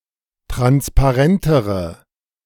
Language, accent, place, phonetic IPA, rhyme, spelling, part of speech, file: German, Germany, Berlin, [ˌtʁanspaˈʁɛntəʁə], -ɛntəʁə, transparentere, adjective, De-transparentere.ogg
- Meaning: inflection of transparent: 1. strong/mixed nominative/accusative feminine singular comparative degree 2. strong nominative/accusative plural comparative degree